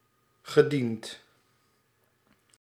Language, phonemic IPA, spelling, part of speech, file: Dutch, /ɣɘˈdint/, gediend, verb, Nl-gediend.ogg
- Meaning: past participle of dienen